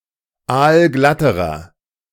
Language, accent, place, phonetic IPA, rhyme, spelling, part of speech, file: German, Germany, Berlin, [ˈaːlˈɡlatəʁɐ], -atəʁɐ, aalglatterer, adjective, De-aalglatterer.ogg
- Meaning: inflection of aalglatt: 1. strong/mixed nominative masculine singular comparative degree 2. strong genitive/dative feminine singular comparative degree 3. strong genitive plural comparative degree